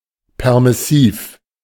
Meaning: permissive
- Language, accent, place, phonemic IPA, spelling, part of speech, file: German, Germany, Berlin, /ˌpɛʁmɪˈsiːf/, permissiv, adjective, De-permissiv.ogg